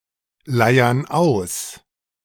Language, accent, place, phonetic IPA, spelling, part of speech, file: German, Germany, Berlin, [ˌlaɪ̯ɐn ˈaʊ̯s], leiern aus, verb, De-leiern aus.ogg
- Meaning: inflection of ausleiern: 1. first/third-person plural present 2. first/third-person plural subjunctive I